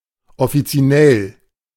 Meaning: officinal
- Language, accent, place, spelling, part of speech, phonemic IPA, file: German, Germany, Berlin, offizinell, adjective, /ɔfit͡siˈnɛl/, De-offizinell.ogg